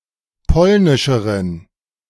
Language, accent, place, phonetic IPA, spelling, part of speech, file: German, Germany, Berlin, [ˈpɔlnɪʃəʁən], polnischeren, adjective, De-polnischeren.ogg
- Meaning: inflection of polnisch: 1. strong genitive masculine/neuter singular comparative degree 2. weak/mixed genitive/dative all-gender singular comparative degree